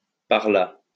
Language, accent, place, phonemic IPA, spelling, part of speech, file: French, France, Lyon, /paʁ la/, par là, adverb, LL-Q150 (fra)-par là.wav
- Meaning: 1. over there 2. by that, that way